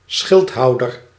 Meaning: supporter
- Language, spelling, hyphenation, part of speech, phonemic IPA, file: Dutch, schildhouder, schild‧hou‧der, noun, /ˈsxɪltˌɦɑu̯.dər/, Nl-schildhouder.ogg